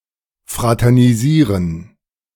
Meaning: to fraternize (to associate as friends with an enemy)
- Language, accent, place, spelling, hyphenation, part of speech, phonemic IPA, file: German, Germany, Berlin, fraternisieren, fra‧ter‧ni‧sie‧ren, verb, /fʁatɛʁniˈziːʁən/, De-fraternisieren.ogg